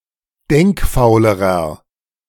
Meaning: inflection of denkfaul: 1. strong/mixed nominative masculine singular comparative degree 2. strong genitive/dative feminine singular comparative degree 3. strong genitive plural comparative degree
- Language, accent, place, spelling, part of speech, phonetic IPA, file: German, Germany, Berlin, denkfaulerer, adjective, [ˈdɛŋkˌfaʊ̯ləʁɐ], De-denkfaulerer.ogg